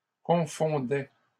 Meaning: third-person singular imperfect indicative of confondre
- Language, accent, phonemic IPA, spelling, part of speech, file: French, Canada, /kɔ̃.fɔ̃.dɛ/, confondait, verb, LL-Q150 (fra)-confondait.wav